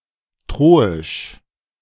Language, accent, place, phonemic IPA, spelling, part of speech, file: German, Germany, Berlin, /ˈtʁoːɪʃ/, troisch, adjective, De-troisch.ogg
- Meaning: synonym of trojanisch